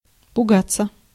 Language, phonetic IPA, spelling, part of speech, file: Russian, [pʊˈɡat͡sːə], пугаться, verb, Ru-пугаться.ogg
- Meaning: 1. to be frightened (of), to be startled (of), to take fright (at); to shy (at) 2. to be afraid 3. passive of пуга́ть (pugátʹ)